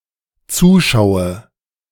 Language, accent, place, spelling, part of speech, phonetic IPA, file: German, Germany, Berlin, zuschaue, verb, [ˈt͡suːˌʃaʊ̯ə], De-zuschaue.ogg
- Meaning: inflection of zuschauen: 1. first-person singular dependent present 2. first/third-person singular dependent subjunctive I